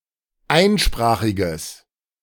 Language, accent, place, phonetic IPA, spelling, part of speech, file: German, Germany, Berlin, [ˈaɪ̯nˌʃpʁaːxɪɡəs], einsprachiges, adjective, De-einsprachiges.ogg
- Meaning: strong/mixed nominative/accusative neuter singular of einsprachig